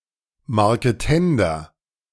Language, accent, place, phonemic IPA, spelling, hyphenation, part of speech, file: German, Germany, Berlin, /maʁkəˈtɛndɐ/, Marketender, Mar‧ke‧ten‧der, noun, De-Marketender.ogg
- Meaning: sutler